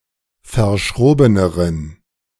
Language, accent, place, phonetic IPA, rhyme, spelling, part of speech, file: German, Germany, Berlin, [fɐˈʃʁoːbənəʁən], -oːbənəʁən, verschrobeneren, adjective, De-verschrobeneren.ogg
- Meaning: inflection of verschroben: 1. strong genitive masculine/neuter singular comparative degree 2. weak/mixed genitive/dative all-gender singular comparative degree